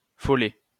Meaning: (noun) sprite, goblin; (adjective) 1. scatterbrained 2. manic, irregular
- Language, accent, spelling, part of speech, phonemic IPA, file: French, France, follet, noun / adjective, /fɔ.lɛ/, LL-Q150 (fra)-follet.wav